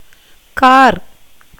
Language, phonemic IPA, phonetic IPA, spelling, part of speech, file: Tamil, /kɑːɾ/, [käːɾ], கார், noun / adjective / verb, Ta-கார்.ogg
- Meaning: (noun) 1. blackness 2. monsoon, the rainy season 3. darkness, gloom of night 4. that which is black 5. cloud 6. rain 7. water 8. paddy harvested in the rainy season